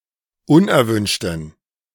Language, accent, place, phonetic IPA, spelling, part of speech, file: German, Germany, Berlin, [ˈʊnʔɛɐ̯ˌvʏnʃtn̩], unerwünschten, adjective, De-unerwünschten.ogg
- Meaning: inflection of unerwünscht: 1. strong genitive masculine/neuter singular 2. weak/mixed genitive/dative all-gender singular 3. strong/weak/mixed accusative masculine singular 4. strong dative plural